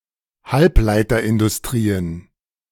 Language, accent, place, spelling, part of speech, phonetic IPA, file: German, Germany, Berlin, Halbleiterindustrien, noun, [ˈhalplaɪ̯tɐʔɪndʊsˌtʁiːən], De-Halbleiterindustrien.ogg
- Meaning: plural of Halbleiterindustrie